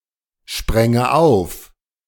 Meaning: first/third-person singular subjunctive II of aufspringen
- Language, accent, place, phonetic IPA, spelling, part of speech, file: German, Germany, Berlin, [ˌʃpʁɛŋə ˈaʊ̯f], spränge auf, verb, De-spränge auf.ogg